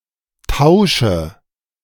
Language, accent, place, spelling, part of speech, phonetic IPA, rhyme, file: German, Germany, Berlin, Tausche, noun, [ˈtaʊ̯ʃə], -aʊ̯ʃə, De-Tausche.ogg
- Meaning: nominative/accusative/genitive plural of Tausch